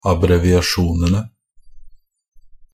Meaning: definite plural of abbreviasjon
- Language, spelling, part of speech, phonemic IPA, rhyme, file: Norwegian Bokmål, abbreviasjonene, noun, /abrɛʋɪaˈʃuːnənə/, -ənə, NB - Pronunciation of Norwegian Bokmål «abbreviasjonene».ogg